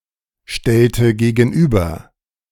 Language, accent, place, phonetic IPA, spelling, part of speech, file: German, Germany, Berlin, [ˌʃtɛltə ɡeːɡn̩ˈʔyːbɐ], stellte gegenüber, verb, De-stellte gegenüber.ogg
- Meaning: inflection of gegenüberstellen: 1. first/third-person singular preterite 2. first/third-person singular subjunctive II